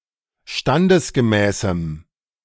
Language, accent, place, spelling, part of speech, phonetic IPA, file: German, Germany, Berlin, standesgemäßem, adjective, [ˈʃtandəsɡəˌmɛːsm̩], De-standesgemäßem.ogg
- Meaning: strong dative masculine/neuter singular of standesgemäß